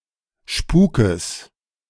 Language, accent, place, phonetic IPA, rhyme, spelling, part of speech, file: German, Germany, Berlin, [ˈʃpuːkəs], -uːkəs, Spukes, noun, De-Spukes.ogg
- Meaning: genitive singular of Spuk